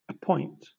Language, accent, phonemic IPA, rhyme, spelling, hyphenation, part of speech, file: English, Southern England, /əˈpɔɪnt/, -ɔɪnt, appoint, ap‧point, verb, LL-Q1860 (eng)-appoint.wav
- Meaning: 1. To set, fix or determine (a time or place for something such as a meeting, or the meeting itself) by authority or agreement 2. To name (someone to a post or role)